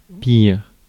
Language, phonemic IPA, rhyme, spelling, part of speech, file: French, /piʁ/, -iʁ, pire, adjective / noun, Fr-pire.ogg
- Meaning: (adjective) 1. comparative degree of mauvais: worse 2. superlative degree of mauvais: worst 3. bad; harmful, serious; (noun) the worst